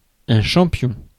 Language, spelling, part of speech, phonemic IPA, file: French, champion, noun, /ʃɑ̃.pjɔ̃/, Fr-champion.ogg
- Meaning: champion